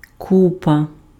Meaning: 1. heap, pile 2. group, mass, crowd (large number of people or things)
- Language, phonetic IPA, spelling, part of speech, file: Ukrainian, [ˈkupɐ], купа, noun, Uk-купа.ogg